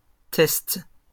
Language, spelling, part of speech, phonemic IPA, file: French, tests, noun, /tɛst/, LL-Q150 (fra)-tests.wav
- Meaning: plural of test